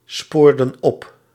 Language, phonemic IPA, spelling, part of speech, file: Dutch, /ˈspordə(n) ˈɔp/, spoorden op, verb, Nl-spoorden op.ogg
- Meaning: inflection of opsporen: 1. plural past indicative 2. plural past subjunctive